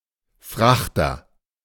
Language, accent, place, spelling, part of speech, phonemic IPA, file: German, Germany, Berlin, Frachter, noun, /ˈfʁaxtɐ/, De-Frachter.ogg
- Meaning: freight ship